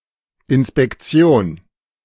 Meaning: 1. inspection, supervision, servicing 2. a unit at a military school equivalent to a company
- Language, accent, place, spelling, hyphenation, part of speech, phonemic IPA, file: German, Germany, Berlin, Inspektion, In‧spek‧ti‧on, noun, /ɪnspɛkˈtsi̯oːn/, De-Inspektion.ogg